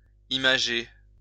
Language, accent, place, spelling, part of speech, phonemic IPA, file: French, France, Lyon, imager, verb, /i.ma.ʒe/, LL-Q150 (fra)-imager.wav
- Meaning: to embellish with images